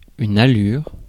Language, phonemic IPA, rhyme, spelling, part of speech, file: French, /a.lyʁ/, -yʁ, allure, noun, Fr-allure.ogg
- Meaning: 1. appearance, look 2. speed, pace 3. angle of a boat from the wind 4. gait (of a horse) 5. chemin de ronde (raised protected walkway behind a castle battlement)